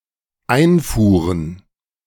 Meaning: plural of Einfuhr
- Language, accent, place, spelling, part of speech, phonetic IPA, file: German, Germany, Berlin, Einfuhren, noun, [ˈaɪ̯nfuːʁən], De-Einfuhren.ogg